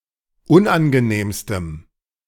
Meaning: strong dative masculine/neuter singular superlative degree of unangenehm
- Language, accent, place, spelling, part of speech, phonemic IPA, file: German, Germany, Berlin, unangenehmstem, adjective, /ˈʊnʔanɡəˌneːmstəm/, De-unangenehmstem.ogg